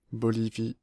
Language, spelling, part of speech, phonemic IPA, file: French, Bolivie, proper noun, /bɔ.li.vi/, Fr-Bolivie.ogg
- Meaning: Bolivia (a country in South America)